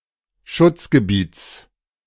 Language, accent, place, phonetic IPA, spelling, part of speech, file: German, Germany, Berlin, [ˈʃʊt͡sɡəˌbiːt͡s], Schutzgebiets, noun, De-Schutzgebiets.ogg
- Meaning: genitive singular of Schutzgebiet